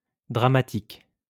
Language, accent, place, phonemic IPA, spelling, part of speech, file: French, France, Lyon, /dʁa.ma.tik/, dramatique, adjective, LL-Q150 (fra)-dramatique.wav
- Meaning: dramatic